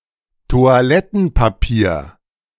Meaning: toilet paper (paper on a roll)
- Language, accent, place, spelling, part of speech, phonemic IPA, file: German, Germany, Berlin, Toilettenpapier, noun, /to̯aˈlɛtn̩paˌpiːɐ̯/, De-Toilettenpapier.ogg